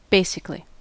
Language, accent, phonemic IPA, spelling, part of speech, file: English, US, /ˈbeɪ.sɪk.(ə.)li/, basically, adverb, En-us-basically.ogg
- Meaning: 1. In a fundamental, essential or basic manner 2. Essentially; mostly; pretty much